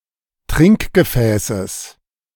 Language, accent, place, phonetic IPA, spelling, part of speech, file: German, Germany, Berlin, [ˈtʁɪŋkɡəˌfɛːsəs], Trinkgefäßes, noun, De-Trinkgefäßes.ogg
- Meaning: genitive singular of Trinkgefäß